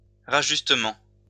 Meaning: adjustment
- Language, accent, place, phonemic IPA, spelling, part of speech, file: French, France, Lyon, /ʁa.ʒys.tə.mɑ̃/, rajustement, noun, LL-Q150 (fra)-rajustement.wav